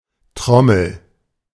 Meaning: 1. drum (musical instrument) 2. drum-shaped part of a machine 3. drum-shaped part of a machine: cylinder of a revolver
- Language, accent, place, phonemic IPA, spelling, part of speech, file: German, Germany, Berlin, /ˈtʁɔml̩/, Trommel, noun, De-Trommel.ogg